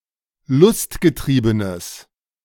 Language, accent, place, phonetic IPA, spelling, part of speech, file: German, Germany, Berlin, [ˈlʊstɡəˌtʁiːbənəs], lustgetriebenes, adjective, De-lustgetriebenes.ogg
- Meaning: strong/mixed nominative/accusative neuter singular of lustgetrieben